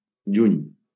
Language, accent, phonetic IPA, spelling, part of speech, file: Catalan, Valencia, [ˈd͡ʒuɲ], juny, noun, LL-Q7026 (cat)-juny.wav
- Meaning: June